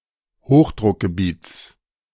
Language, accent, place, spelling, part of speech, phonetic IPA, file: German, Germany, Berlin, Hochdruckgebiets, noun, [ˈhoːxdʁʊkɡəˌbiːt͡s], De-Hochdruckgebiets.ogg
- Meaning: genitive singular of Hochdruckgebiet